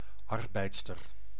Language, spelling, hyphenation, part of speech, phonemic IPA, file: Dutch, arbeidster, ar‧beid‧ster, noun, /ˈɑr.bɛi̯ts.tər/, Nl-arbeidster.ogg
- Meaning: a female worker